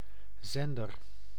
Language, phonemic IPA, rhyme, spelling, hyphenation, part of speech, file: Dutch, /ˈzɛn.dər/, -ɛndər, zender, zen‧der, noun, Nl-zender.ogg
- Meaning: 1. sender, a person who sends 2. transmitter 3. a television or radio channel